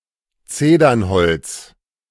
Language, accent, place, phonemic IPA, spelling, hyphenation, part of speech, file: German, Germany, Berlin, /ˈt͡seːdɐnˌhɔlt͡s/, Zedernholz, Ze‧dern‧holz, noun, De-Zedernholz.ogg
- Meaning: cedar, cedar wood (The wood and timber of the cedar.)